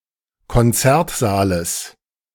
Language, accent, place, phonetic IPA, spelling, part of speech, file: German, Germany, Berlin, [kɔnˈt͡sɛʁtˌzaːləs], Konzertsaales, noun, De-Konzertsaales.ogg
- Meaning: genitive of Konzertsaal